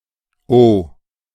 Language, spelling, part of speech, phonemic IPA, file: German, -ow, suffix, /o/, De--ow.ogg
- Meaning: 1. A place name suffix found in parts of former East Germany (or along the former border, as in Lüchow) 2. A surname suffix